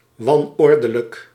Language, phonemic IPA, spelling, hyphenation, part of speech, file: Dutch, /ˌʋɑnˈɔr.də.lək/, wanordelijk, wan‧or‧de‧lijk, adjective, Nl-wanordelijk.ogg
- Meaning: chaotic, messy